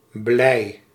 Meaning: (adjective) 1. happy; momentarily. For generally in life, see gelukkig 2. glad; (noun) 1. lead (metal) 2. the colour of lead
- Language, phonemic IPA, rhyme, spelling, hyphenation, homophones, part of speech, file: Dutch, /blɛi̯/, -ɛi̯, blij, blij, blei, adjective / noun, Nl-blij.ogg